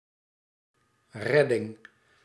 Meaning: rescue, rescuing
- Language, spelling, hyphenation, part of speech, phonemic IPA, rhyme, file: Dutch, redding, red‧ding, noun, /ˈrɛ.dɪŋ/, -ɛdɪŋ, Nl-redding.ogg